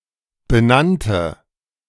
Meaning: first/third-person singular preterite of benennen
- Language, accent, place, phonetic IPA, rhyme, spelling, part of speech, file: German, Germany, Berlin, [bəˈnantə], -antə, benannte, adjective / verb, De-benannte.ogg